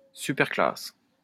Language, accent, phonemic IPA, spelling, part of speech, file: French, France, /sy.pɛʁ.klas/, superclasse, noun, LL-Q150 (fra)-superclasse.wav
- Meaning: superclass